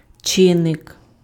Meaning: factor (element which contributes to produce a result)
- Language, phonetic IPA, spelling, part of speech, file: Ukrainian, [ˈt͡ʃɪnːek], чинник, noun, Uk-чинник.ogg